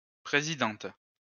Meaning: female equivalent of président
- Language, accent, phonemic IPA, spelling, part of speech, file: French, France, /pʁe.zi.dɑ̃t/, présidente, noun, LL-Q150 (fra)-présidente.wav